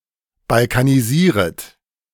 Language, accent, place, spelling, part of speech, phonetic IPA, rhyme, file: German, Germany, Berlin, balkanisieret, verb, [balkaniˈziːʁət], -iːʁət, De-balkanisieret.ogg
- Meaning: second-person plural subjunctive I of balkanisieren